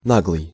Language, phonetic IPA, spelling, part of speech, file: Russian, [ˈnaɡɫɨj], наглый, adjective, Ru-наглый.ogg
- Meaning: shameless, impudent, impertinent, insolent, barefaced